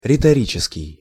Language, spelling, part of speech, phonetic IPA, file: Russian, риторический, adjective, [rʲɪtɐˈrʲit͡ɕɪskʲɪj], Ru-риторический.ogg
- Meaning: rhetorical